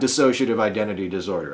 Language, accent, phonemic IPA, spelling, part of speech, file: English, US, /dɪˈsoʊʃi.ətɪv aɪˈdɛntɪti dɪsˈɔɹdɚ/, dissociative identity disorder, noun, En-us-dissociative-identity-disorder.ogg
- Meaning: A mental disorder characterized by the presence of two or more personality states or distinct identities that repeatedly take control of a person's behavior